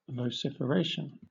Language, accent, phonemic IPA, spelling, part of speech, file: English, Southern England, /vəʊˌsɪf.əˈɹeɪ.ʃən/, vociferation, noun, LL-Q1860 (eng)-vociferation.wav
- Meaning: The act of exclaiming; violent outcry; vehement utterance of the voice